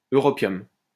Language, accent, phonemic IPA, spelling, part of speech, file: French, France, /ø.ʁɔ.pjɔm/, europium, noun, LL-Q150 (fra)-europium.wav
- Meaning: europium